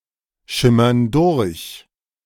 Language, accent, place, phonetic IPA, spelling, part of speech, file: German, Germany, Berlin, [ˌʃɪmɐn ˈdʊʁç], schimmern durch, verb, De-schimmern durch.ogg
- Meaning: inflection of durchschimmern: 1. first/third-person plural present 2. first/third-person plural subjunctive I